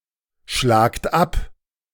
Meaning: inflection of abschlagen: 1. second-person plural present 2. plural imperative
- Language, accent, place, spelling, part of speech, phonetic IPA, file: German, Germany, Berlin, schlagt ab, verb, [ˌʃlaːkt ˈap], De-schlagt ab.ogg